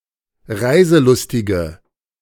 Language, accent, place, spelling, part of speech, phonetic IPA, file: German, Germany, Berlin, reiselustige, adjective, [ˈʁaɪ̯zəˌlʊstɪɡə], De-reiselustige.ogg
- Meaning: inflection of reiselustig: 1. strong/mixed nominative/accusative feminine singular 2. strong nominative/accusative plural 3. weak nominative all-gender singular